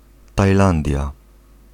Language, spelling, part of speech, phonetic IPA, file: Polish, Tajlandia, proper noun, [tajˈlãndʲja], Pl-Tajlandia.ogg